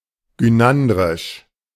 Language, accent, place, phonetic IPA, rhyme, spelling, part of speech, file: German, Germany, Berlin, [ɡyˈnandʁɪʃ], -andʁɪʃ, gynandrisch, adjective, De-gynandrisch.ogg
- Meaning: gynandrous